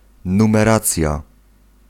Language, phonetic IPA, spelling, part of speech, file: Polish, [ˌnũmɛˈrat͡sʲja], numeracja, noun, Pl-numeracja.ogg